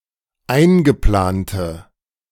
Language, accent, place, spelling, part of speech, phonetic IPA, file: German, Germany, Berlin, eingeplante, adjective, [ˈaɪ̯nɡəˌplaːntə], De-eingeplante.ogg
- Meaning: inflection of eingeplant: 1. strong/mixed nominative/accusative feminine singular 2. strong nominative/accusative plural 3. weak nominative all-gender singular